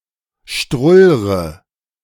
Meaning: inflection of strullern: 1. first-person singular present 2. first/third-person singular subjunctive I 3. singular imperative
- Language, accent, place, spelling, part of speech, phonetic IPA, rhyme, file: German, Germany, Berlin, strullre, verb, [ˈʃtʁʊlʁə], -ʊlʁə, De-strullre.ogg